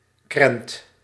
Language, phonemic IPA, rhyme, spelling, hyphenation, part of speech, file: Dutch, /krɛnt/, -ɛnt, krent, krent, noun, Nl-krent.ogg
- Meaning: 1. a currant, a small dried grape 2. a miser, a scrooge, a niggard 3. buttocks, butt, hindquarters